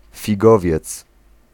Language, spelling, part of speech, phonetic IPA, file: Polish, figowiec, noun, [fʲiˈɡɔvʲjɛt͡s], Pl-figowiec.ogg